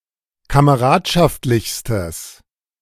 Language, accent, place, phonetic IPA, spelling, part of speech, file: German, Germany, Berlin, [kaməˈʁaːtʃaftlɪçstəs], kameradschaftlichstes, adjective, De-kameradschaftlichstes.ogg
- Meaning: strong/mixed nominative/accusative neuter singular superlative degree of kameradschaftlich